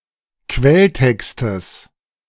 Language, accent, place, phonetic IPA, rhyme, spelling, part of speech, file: German, Germany, Berlin, [ˈkvɛlˌtɛkstəs], -ɛltɛkstəs, Quelltextes, noun, De-Quelltextes.ogg
- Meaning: genitive singular of Quelltext